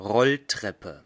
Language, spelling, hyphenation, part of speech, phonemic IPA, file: German, Rolltreppe, Roll‧trep‧pe, noun, /ˈʁɔlˌtʁɛpə/, De-Rolltreppe.ogg
- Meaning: escalator